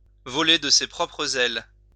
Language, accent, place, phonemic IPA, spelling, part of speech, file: French, France, Lyon, /vɔ.le d(ə) se pʁɔ.pʁə.z‿ɛl/, voler de ses propres ailes, verb, LL-Q150 (fra)-voler de ses propres ailes.wav
- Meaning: to stand on one's own two feet